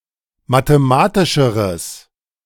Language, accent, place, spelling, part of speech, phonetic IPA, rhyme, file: German, Germany, Berlin, mathematischeres, adjective, [mateˈmaːtɪʃəʁəs], -aːtɪʃəʁəs, De-mathematischeres.ogg
- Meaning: strong/mixed nominative/accusative neuter singular comparative degree of mathematisch